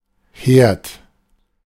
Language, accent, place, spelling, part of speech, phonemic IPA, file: German, Germany, Berlin, Herd, noun, /heːrt/, De-Herd.ogg
- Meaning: 1. cooker; stove 2. hob; cooktop 3. fireplace, hearth 4. the household as the traditional workplace of women 5. hotbed, place where something (negative) spreads from